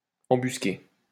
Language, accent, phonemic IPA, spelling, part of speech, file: French, France, /ɑ̃.bys.ke/, embusqué, verb, LL-Q150 (fra)-embusqué.wav
- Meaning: past participle of embusquer